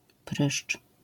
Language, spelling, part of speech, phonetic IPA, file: Polish, pryszcz, noun, [prɨʃt͡ʃ], LL-Q809 (pol)-pryszcz.wav